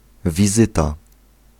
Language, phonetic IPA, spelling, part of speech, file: Polish, [vʲiˈzɨta], wizyta, noun, Pl-wizyta.ogg